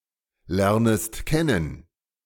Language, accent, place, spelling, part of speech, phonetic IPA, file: German, Germany, Berlin, lernest kennen, verb, [ˌlɛʁnəst ˈkɛnən], De-lernest kennen.ogg
- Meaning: second-person singular subjunctive I of kennen lernen